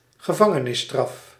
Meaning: prison sentence
- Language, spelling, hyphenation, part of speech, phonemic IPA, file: Dutch, gevangenisstraf, ge‧van‧ge‧nis‧straf, noun, /ɣəˈvɑ.ŋə.nɪsˌstrɑf/, Nl-gevangenisstraf.ogg